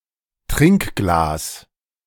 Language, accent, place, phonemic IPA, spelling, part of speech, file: German, Germany, Berlin, /ˈtʁɪŋkɡlaːs/, Trinkglas, noun, De-Trinkglas.ogg
- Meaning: drinking glass